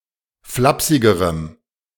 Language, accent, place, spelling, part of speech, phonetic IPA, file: German, Germany, Berlin, flapsigerem, adjective, [ˈflapsɪɡəʁəm], De-flapsigerem.ogg
- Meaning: strong dative masculine/neuter singular comparative degree of flapsig